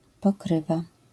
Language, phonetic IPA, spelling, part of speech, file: Polish, [pɔˈkrɨva], pokrywa, noun / verb, LL-Q809 (pol)-pokrywa.wav